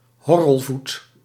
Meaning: clubfoot
- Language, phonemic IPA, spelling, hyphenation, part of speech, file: Dutch, /ˈɦɔ.rəlˌvut/, horrelvoet, hor‧rel‧voet, noun, Nl-horrelvoet.ogg